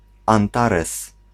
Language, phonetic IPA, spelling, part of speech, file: Polish, [ãnˈtarɛs], Antares, proper noun, Pl-Antares.ogg